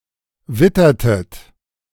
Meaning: inflection of wittern: 1. second-person plural preterite 2. second-person plural subjunctive II
- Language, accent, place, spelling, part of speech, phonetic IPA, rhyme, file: German, Germany, Berlin, wittertet, verb, [ˈvɪtɐtət], -ɪtɐtət, De-wittertet.ogg